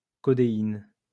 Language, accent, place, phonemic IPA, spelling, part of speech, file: French, France, Lyon, /kɔ.de.in/, codéine, noun, LL-Q150 (fra)-codéine.wav
- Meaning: codeine